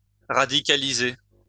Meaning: to radicalize / radicalise
- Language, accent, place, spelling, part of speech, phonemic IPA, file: French, France, Lyon, radicaliser, verb, /ʁa.di.ka.li.ze/, LL-Q150 (fra)-radicaliser.wav